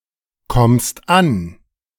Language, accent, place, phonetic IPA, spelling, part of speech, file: German, Germany, Berlin, [ˌkɔmst ˈan], kommst an, verb, De-kommst an.ogg
- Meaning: second-person singular present of ankommen